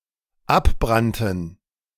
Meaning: first/third-person plural dependent preterite of abbrennen
- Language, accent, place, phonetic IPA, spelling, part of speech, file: German, Germany, Berlin, [ˈapˌbʁantn̩], abbrannten, verb, De-abbrannten.ogg